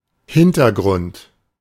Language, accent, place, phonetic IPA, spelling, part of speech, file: German, Germany, Berlin, [ˈhɪntɐˌɡʁʊnt], Hintergrund, noun, De-Hintergrund.ogg
- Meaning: 1. background 2. context, background information (information about history, motivation or the wider situation surrounding something)